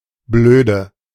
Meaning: 1. alternative form of blöd 2. inflection of blöd: strong/mixed nominative/accusative feminine singular 3. inflection of blöd: strong nominative/accusative plural
- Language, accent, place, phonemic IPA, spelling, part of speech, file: German, Germany, Berlin, /ˈbløːdə/, blöde, adjective, De-blöde.ogg